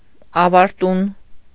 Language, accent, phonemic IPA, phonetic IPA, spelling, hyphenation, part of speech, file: Armenian, Eastern Armenian, /ɑvɑɾˈtun/, [ɑvɑɾtún], ավարտուն, ա‧վար‧տուն, adjective, Hy-ավարտուն.ogg
- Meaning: 1. completed, finished 2. perfect